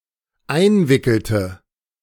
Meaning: inflection of einwickeln: 1. first/third-person singular dependent preterite 2. first/third-person singular dependent subjunctive II
- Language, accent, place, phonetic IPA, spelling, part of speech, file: German, Germany, Berlin, [ˈaɪ̯nˌvɪkl̩tə], einwickelte, verb, De-einwickelte.ogg